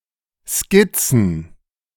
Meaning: plural of Skizze
- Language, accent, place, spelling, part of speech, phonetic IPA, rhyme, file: German, Germany, Berlin, Skizzen, noun, [ˈskɪt͡sn̩], -ɪt͡sn̩, De-Skizzen.ogg